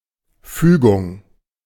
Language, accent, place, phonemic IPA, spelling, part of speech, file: German, Germany, Berlin, /ˈfyːɡʊŋ/, Fügung, noun, De-Fügung.ogg
- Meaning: 1. conjunction, ligation, joining, connection 2. providence (manifestation of divine care or direction) 3. a linguistic unit 4. conjunction